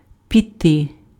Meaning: 1. to set off, to go off, to set off on foot* 2. to begin to fall (about rain, snow etc)
- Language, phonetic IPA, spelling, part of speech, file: Ukrainian, [pʲiˈtɪ], піти, verb, Uk-піти.ogg